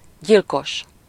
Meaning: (adjective) murderous, deadly; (noun) murderer, killer
- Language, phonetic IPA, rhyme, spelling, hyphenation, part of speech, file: Hungarian, [ˈɟilkoʃ], -oʃ, gyilkos, gyil‧kos, adjective / noun, Hu-gyilkos.ogg